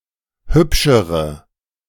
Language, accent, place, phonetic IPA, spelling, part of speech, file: German, Germany, Berlin, [ˈhʏpʃəʁə], hübschere, adjective, De-hübschere.ogg
- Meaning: inflection of hübsch: 1. strong/mixed nominative/accusative feminine singular comparative degree 2. strong nominative/accusative plural comparative degree